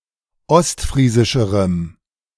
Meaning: strong dative masculine/neuter singular comparative degree of ostfriesisch
- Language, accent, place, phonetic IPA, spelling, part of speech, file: German, Germany, Berlin, [ˈɔstˌfʁiːzɪʃəʁəm], ostfriesischerem, adjective, De-ostfriesischerem.ogg